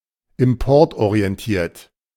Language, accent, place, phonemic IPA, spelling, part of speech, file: German, Germany, Berlin, /ɪmˈpɔʁtʔoʁi̯ɛnˌtiːɐ̯t/, importorientiert, adjective, De-importorientiert.ogg
- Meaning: import-oriented